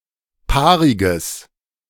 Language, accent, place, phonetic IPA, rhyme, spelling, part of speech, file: German, Germany, Berlin, [ˈpaːʁɪɡəs], -aːʁɪɡəs, paariges, adjective, De-paariges.ogg
- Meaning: strong/mixed nominative/accusative neuter singular of paarig